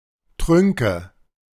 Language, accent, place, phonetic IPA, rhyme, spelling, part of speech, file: German, Germany, Berlin, [ˈtʁʏŋkə], -ʏŋkə, Trünke, noun, De-Trünke.ogg
- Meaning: nominative/accusative/genitive plural of Trunk